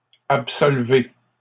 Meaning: inflection of absoudre: 1. second-person plural present indicative 2. second-person plural imperative
- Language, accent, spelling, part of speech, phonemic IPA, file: French, Canada, absolvez, verb, /ap.sɔl.ve/, LL-Q150 (fra)-absolvez.wav